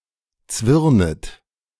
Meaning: second-person plural subjunctive I of zwirnen
- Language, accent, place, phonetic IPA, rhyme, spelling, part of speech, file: German, Germany, Berlin, [ˈt͡svɪʁnət], -ɪʁnət, zwirnet, verb, De-zwirnet.ogg